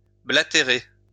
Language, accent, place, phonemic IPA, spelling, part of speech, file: French, France, Lyon, /bla.te.ʁe/, blatérer, verb, LL-Q150 (fra)-blatérer.wav
- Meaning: 1. to bleat (of a sheep, to make a sound) 2. to bray (of a camel, to make a sound)